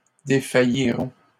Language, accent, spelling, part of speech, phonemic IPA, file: French, Canada, défaillirons, verb, /de.fa.ji.ʁɔ̃/, LL-Q150 (fra)-défaillirons.wav
- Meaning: first-person plural simple future of défaillir